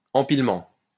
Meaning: 1. piling up, stacking 2. close-packing (e.g. of atoms in a crystal)
- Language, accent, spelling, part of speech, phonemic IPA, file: French, France, empilement, noun, /ɑ̃.pil.mɑ̃/, LL-Q150 (fra)-empilement.wav